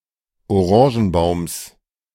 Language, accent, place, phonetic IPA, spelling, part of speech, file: German, Germany, Berlin, [oˈʁɑ̃ːʒn̩ˌbaʊ̯ms], Orangenbaums, noun, De-Orangenbaums.ogg
- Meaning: genitive singular of Orangenbaum